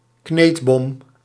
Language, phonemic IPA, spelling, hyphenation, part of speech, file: Dutch, /ˈkneːt.bɔm/, kneedbom, kneed‧bom, noun, Nl-kneedbom.ogg
- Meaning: plastic bomb, plastic explosive